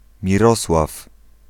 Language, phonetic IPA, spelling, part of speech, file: Polish, [mʲiˈrɔswaf], Mirosław, proper noun / noun, Pl-Mirosław.ogg